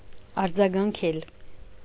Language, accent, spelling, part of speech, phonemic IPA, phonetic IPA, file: Armenian, Eastern Armenian, արձագանքել, verb, /ɑɾd͡zɑɡɑnˈkʰel/, [ɑɾd͡zɑɡɑŋkʰél], Hy-արձագանքել.ogg
- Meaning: 1. to echo 2. to respond, to answer